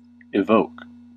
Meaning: 1. To call out; to draw out or bring forth 2. To cause the manifestation of something (emotion, picture, etc.) in someone's mind or imagination 3. To elicit a response
- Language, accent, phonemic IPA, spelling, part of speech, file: English, US, /ɪˈvoʊk/, evoke, verb, En-us-evoke.ogg